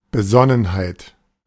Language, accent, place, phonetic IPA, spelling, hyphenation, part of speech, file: German, Germany, Berlin, [bəˈzɔnənhaɪ̯t], Besonnenheit, Be‧sonn‧en‧heit, noun, De-Besonnenheit.ogg
- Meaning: 1. prudence, caution, circumspection, calmness, levelheadedness 2. sophrosyne